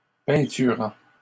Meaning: present participle of peinturer
- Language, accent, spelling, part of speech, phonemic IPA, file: French, Canada, peinturant, verb, /pɛ̃.ty.ʁɑ̃/, LL-Q150 (fra)-peinturant.wav